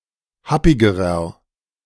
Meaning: inflection of happig: 1. strong/mixed nominative masculine singular comparative degree 2. strong genitive/dative feminine singular comparative degree 3. strong genitive plural comparative degree
- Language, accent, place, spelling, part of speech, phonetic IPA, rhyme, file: German, Germany, Berlin, happigerer, adjective, [ˈhapɪɡəʁɐ], -apɪɡəʁɐ, De-happigerer.ogg